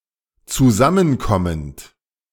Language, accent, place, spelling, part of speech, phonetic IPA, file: German, Germany, Berlin, zusammenkommend, verb, [t͡suˈzamənˌkɔmənt], De-zusammenkommend.ogg
- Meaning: present participle of zusammenkommen